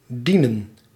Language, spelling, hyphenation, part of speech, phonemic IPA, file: Dutch, dienen, die‧nen, verb, /ˈdinə(n)/, Nl-dienen.ogg
- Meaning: 1. to serve 2. to ought to, to be to, be expected to